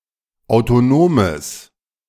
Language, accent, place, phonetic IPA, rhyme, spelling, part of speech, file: German, Germany, Berlin, [aʊ̯toˈnoːməs], -oːməs, autonomes, adjective, De-autonomes.ogg
- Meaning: strong/mixed nominative/accusative neuter singular of autonom